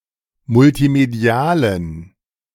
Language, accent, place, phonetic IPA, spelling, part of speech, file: German, Germany, Berlin, [mʊltiˈmedi̯aːlən], multimedialen, adjective, De-multimedialen.ogg
- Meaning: inflection of multimedial: 1. strong genitive masculine/neuter singular 2. weak/mixed genitive/dative all-gender singular 3. strong/weak/mixed accusative masculine singular 4. strong dative plural